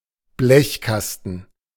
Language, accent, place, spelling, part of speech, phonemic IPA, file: German, Germany, Berlin, Blechkasten, noun, /ˈblɛçˌkastn̩/, De-Blechkasten.ogg
- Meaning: metal box